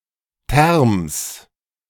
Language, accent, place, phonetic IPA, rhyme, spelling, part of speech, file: German, Germany, Berlin, [tɛʁms], -ɛʁms, Terms, noun, De-Terms.ogg
- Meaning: genitive singular of Term